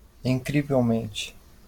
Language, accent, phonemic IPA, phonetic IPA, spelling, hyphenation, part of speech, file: Portuguese, Brazil, /ĩˌkɾi.vewˈmẽ.t͡ʃi/, [ĩˌkɾi.veʊ̯ˈmẽ.t͡ʃi], incrivelmente, in‧cri‧vel‧men‧te, adverb, LL-Q5146 (por)-incrivelmente.wav
- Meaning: 1. incredibly 2. amazingly